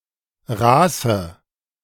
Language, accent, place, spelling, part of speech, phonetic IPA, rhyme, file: German, Germany, Berlin, raße, adjective, [ˈʁaːsə], -aːsə, De-raße.ogg
- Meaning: inflection of raß: 1. strong/mixed nominative/accusative feminine singular 2. strong nominative/accusative plural 3. weak nominative all-gender singular 4. weak accusative feminine/neuter singular